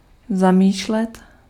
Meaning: 1. to intend, to aim (to fix the mind upon a goal) 2. to think
- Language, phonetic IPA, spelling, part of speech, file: Czech, [ˈzamiːʃlɛt], zamýšlet, verb, Cs-zamýšlet.ogg